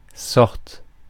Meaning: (noun) 1. sort, kind, type 2. way, manner; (verb) first/third-person singular present subjunctive of sortir
- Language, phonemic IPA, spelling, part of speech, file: French, /sɔʁt/, sorte, noun / verb, Fr-sorte.ogg